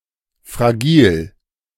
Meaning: fragile
- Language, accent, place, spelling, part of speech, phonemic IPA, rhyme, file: German, Germany, Berlin, fragil, adjective, /fʁaˈɡiːl/, -iːl, De-fragil.ogg